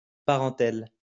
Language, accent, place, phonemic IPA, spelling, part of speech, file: French, France, Lyon, /pa.ʁɑ̃.tɛl/, parentèle, noun, LL-Q150 (fra)-parentèle.wav
- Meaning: 1. relative, relation 2. kin, relatives 3. parentela